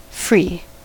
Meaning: Free from; devoid of; without
- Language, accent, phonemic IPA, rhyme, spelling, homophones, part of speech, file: English, US, /fɹiː/, -iː, -free, free, suffix, En-us--free.ogg